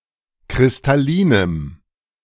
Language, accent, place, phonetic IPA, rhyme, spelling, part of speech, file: German, Germany, Berlin, [kʁɪstaˈliːnəm], -iːnəm, kristallinem, adjective, De-kristallinem.ogg
- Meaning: strong dative masculine/neuter singular of kristallin